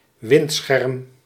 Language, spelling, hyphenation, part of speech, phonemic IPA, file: Dutch, windscherm, wind‧scherm, noun, /ˈʋɪnt.sxɛrm/, Nl-windscherm.ogg
- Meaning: 1. a windbreak (screen to protect against the wind) 2. the windscreen of an aircraft